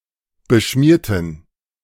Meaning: inflection of beschmieren: 1. first/third-person plural preterite 2. first/third-person plural subjunctive II
- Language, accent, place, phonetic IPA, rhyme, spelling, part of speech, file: German, Germany, Berlin, [bəˈʃmiːɐ̯tn̩], -iːɐ̯tn̩, beschmierten, adjective / verb, De-beschmierten.ogg